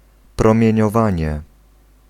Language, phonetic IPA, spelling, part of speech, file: Polish, [ˌprɔ̃mʲjɛ̇̃ɲɔˈvãɲɛ], promieniowanie, noun, Pl-promieniowanie.ogg